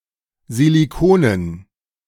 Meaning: dative plural of Silicon
- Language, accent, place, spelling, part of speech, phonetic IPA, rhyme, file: German, Germany, Berlin, Siliconen, noun, [ziliˈkoːnən], -oːnən, De-Siliconen.ogg